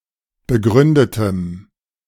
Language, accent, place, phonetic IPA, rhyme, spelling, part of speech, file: German, Germany, Berlin, [bəˈɡʁʏndətəm], -ʏndətəm, begründetem, adjective, De-begründetem.ogg
- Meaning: strong dative masculine/neuter singular of begründet